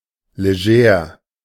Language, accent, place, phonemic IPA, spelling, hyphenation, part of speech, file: German, Germany, Berlin, /leˈʒɛːʁ/, leger, le‧ger, adjective, De-leger.ogg
- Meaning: 1. casual, informal 2. dressed down